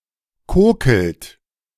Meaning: inflection of kokeln: 1. second-person plural present 2. third-person singular present 3. plural imperative
- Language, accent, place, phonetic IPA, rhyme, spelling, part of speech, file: German, Germany, Berlin, [ˈkoːkl̩t], -oːkl̩t, kokelt, verb, De-kokelt.ogg